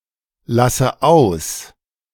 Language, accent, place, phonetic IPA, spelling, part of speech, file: German, Germany, Berlin, [ˌlasə ˈaʊ̯s], lasse aus, verb, De-lasse aus.ogg
- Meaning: inflection of auslassen: 1. first-person singular present 2. first/third-person singular subjunctive I 3. singular imperative